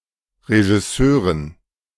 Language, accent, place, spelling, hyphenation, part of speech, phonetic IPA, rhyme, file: German, Germany, Berlin, Regisseuren, Re‧gis‧seu‧ren, noun, [ʁeʒɪˈsøːʁən], -øːʁən, De-Regisseuren.ogg
- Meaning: dative plural of Regisseur